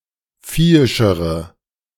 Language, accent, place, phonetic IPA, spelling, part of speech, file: German, Germany, Berlin, [ˈfiːɪʃəʁə], viehischere, adjective, De-viehischere.ogg
- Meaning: inflection of viehisch: 1. strong/mixed nominative/accusative feminine singular comparative degree 2. strong nominative/accusative plural comparative degree